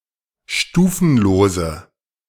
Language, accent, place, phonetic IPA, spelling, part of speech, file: German, Germany, Berlin, [ˈʃtuːfn̩loːzə], stufenlose, adjective, De-stufenlose.ogg
- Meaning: inflection of stufenlos: 1. strong/mixed nominative/accusative feminine singular 2. strong nominative/accusative plural 3. weak nominative all-gender singular